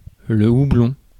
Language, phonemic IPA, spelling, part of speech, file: French, /u.blɔ̃/, houblon, noun, Fr-houblon.ogg
- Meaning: hop, hops (plant)